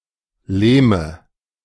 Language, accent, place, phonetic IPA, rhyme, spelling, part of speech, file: German, Germany, Berlin, [ˈleːmə], -eːmə, Lehme, noun, De-Lehme.ogg
- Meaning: nominative/accusative/genitive plural of Lehm